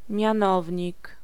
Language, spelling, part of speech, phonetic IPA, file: Polish, mianownik, noun, [mʲjãˈnɔvʲɲik], Pl-mianownik.ogg